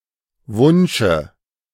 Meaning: dative of Wunsch
- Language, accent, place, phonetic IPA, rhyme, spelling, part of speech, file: German, Germany, Berlin, [ˈvʊnʃə], -ʊnʃə, Wunsche, noun, De-Wunsche.ogg